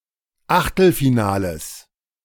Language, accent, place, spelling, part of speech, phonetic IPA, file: German, Germany, Berlin, Achtelfinales, noun, [ˈaxtl̩fiˌnaːləs], De-Achtelfinales.ogg
- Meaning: genitive singular of Achtelfinale